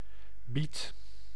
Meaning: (noun) beet, beetroot plant or tuber of the genus Beta, esp. Beta vulgaris; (adverb) a bit; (noun) small amount
- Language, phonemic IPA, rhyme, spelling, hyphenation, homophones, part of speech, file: Dutch, /bit/, -it, biet, biet, beat / bied / biedt, noun / adverb, Nl-biet.ogg